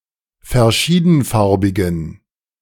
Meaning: inflection of verschiedenfarbig: 1. strong genitive masculine/neuter singular 2. weak/mixed genitive/dative all-gender singular 3. strong/weak/mixed accusative masculine singular
- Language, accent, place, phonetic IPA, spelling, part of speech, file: German, Germany, Berlin, [fɛɐ̯ˈʃiːdn̩ˌfaʁbɪɡn̩], verschiedenfarbigen, adjective, De-verschiedenfarbigen.ogg